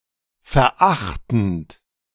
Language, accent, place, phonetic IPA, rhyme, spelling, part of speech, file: German, Germany, Berlin, [fɛɐ̯ˈʔaxtn̩t], -axtn̩t, verachtend, verb, De-verachtend.ogg
- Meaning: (verb) present participle of verachten; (adjective) scornful, despising, contemptuous; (adverb) scornfully